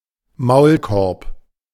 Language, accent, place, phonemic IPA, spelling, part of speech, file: German, Germany, Berlin, /ˈmaʊ̯lˌkɔʁp/, Maulkorb, noun, De-Maulkorb.ogg
- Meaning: 1. muzzle (device to keep a dog from biting) 2. an order, rule or law that intends to prevent someone from speaking, writing, publishing etc